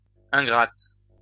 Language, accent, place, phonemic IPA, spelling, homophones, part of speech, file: French, France, Lyon, /ɛ̃.ɡʁat/, ingrate, ingrates, adjective, LL-Q150 (fra)-ingrate.wav
- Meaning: feminine singular of ingrat